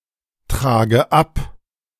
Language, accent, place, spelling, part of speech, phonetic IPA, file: German, Germany, Berlin, trage ab, verb, [ˌtʁaːɡə ˈap], De-trage ab.ogg
- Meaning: inflection of abtragen: 1. first-person singular present 2. first/third-person singular subjunctive I 3. singular imperative